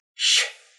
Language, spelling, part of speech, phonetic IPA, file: Russian, щ, character, [ɕː], Ru-щ.ogg
- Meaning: The twenty-seventh letter of the Russian alphabet, called ща (šča) and written in the Cyrillic script